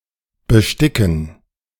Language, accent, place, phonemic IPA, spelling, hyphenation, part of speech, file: German, Germany, Berlin, /bəˈʃtɪkn̩/, besticken, be‧sti‧cken, verb, De-besticken.ogg
- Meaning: to embroider